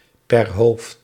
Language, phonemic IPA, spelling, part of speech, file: Dutch, /pɛr ɦoːft/, per hoofd, prepositional phrase, Nl-per hoofd.ogg
- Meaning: per capita